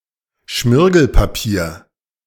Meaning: sandpaper (paper coated with abrasive material)
- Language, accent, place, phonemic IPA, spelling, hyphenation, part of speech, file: German, Germany, Berlin, /ˈʃmɪʁɡl̩paˌpiːɐ̯/, Schmirgelpapier, Schmir‧gel‧pa‧pier, noun, De-Schmirgelpapier.ogg